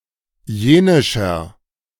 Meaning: 1. comparative degree of jenisch 2. inflection of jenisch: strong/mixed nominative masculine singular 3. inflection of jenisch: strong genitive/dative feminine singular
- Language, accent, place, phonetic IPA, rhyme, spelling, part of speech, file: German, Germany, Berlin, [ˈjeːnɪʃɐ], -eːnɪʃɐ, jenischer, adjective, De-jenischer.ogg